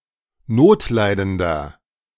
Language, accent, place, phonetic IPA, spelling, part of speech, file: German, Germany, Berlin, [ˈnoːtˌlaɪ̯dəndɐ], notleidender, adjective, De-notleidender.ogg
- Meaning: 1. comparative degree of notleidend 2. inflection of notleidend: strong/mixed nominative masculine singular 3. inflection of notleidend: strong genitive/dative feminine singular